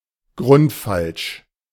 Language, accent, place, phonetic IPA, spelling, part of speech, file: German, Germany, Berlin, [ɡʁʊntˈfalʃ], grundfalsch, adjective, De-grundfalsch.ogg
- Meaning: completely wrong